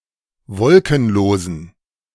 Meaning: inflection of wolkenlos: 1. strong genitive masculine/neuter singular 2. weak/mixed genitive/dative all-gender singular 3. strong/weak/mixed accusative masculine singular 4. strong dative plural
- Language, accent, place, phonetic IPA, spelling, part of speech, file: German, Germany, Berlin, [ˈvɔlkn̩ˌloːzn̩], wolkenlosen, adjective, De-wolkenlosen.ogg